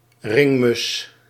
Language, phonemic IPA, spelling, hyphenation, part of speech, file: Dutch, /ˈrɪŋ.mʏs/, ringmus, ring‧mus, noun, Nl-ringmus.ogg
- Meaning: tree sparrow, German sparrow (Passer montanus)